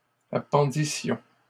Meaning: first-person plural imperfect subjunctive of appendre
- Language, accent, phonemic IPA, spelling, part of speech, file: French, Canada, /a.pɑ̃.di.sjɔ̃/, appendissions, verb, LL-Q150 (fra)-appendissions.wav